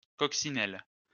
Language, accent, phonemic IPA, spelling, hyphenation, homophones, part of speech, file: French, France, /kɔk.si.nɛl/, coccinelles, coc‧ci‧nelles, coccinelle, noun, LL-Q150 (fra)-coccinelles.wav
- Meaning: plural of coccinelle